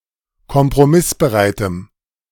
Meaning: strong dative masculine/neuter singular of kompromissbereit
- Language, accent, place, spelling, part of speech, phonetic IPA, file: German, Germany, Berlin, kompromissbereitem, adjective, [kɔmpʁoˈmɪsbəˌʁaɪ̯təm], De-kompromissbereitem.ogg